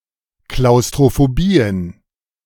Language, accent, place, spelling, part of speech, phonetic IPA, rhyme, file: German, Germany, Berlin, Klaustrophobien, noun, [klaʊ̯stʁofoˈbiːən], -iːən, De-Klaustrophobien.ogg
- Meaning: plural of Klaustrophobie